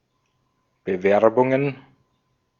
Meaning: plural of Bewerbung
- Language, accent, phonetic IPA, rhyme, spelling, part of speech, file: German, Austria, [bəˈvɛʁbʊŋən], -ɛʁbʊŋən, Bewerbungen, noun, De-at-Bewerbungen.ogg